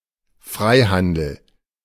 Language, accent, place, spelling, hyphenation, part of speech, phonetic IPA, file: German, Germany, Berlin, Freihandel, Frei‧han‧del, noun, [ˈfʀaɪ̯handl̩], De-Freihandel.ogg
- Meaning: free trade